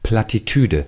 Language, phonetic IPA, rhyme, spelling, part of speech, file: German, [ˌplatiˈtyːdə], -yːdə, Plattitüde, noun, De-Plattitüde.ogg
- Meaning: platitude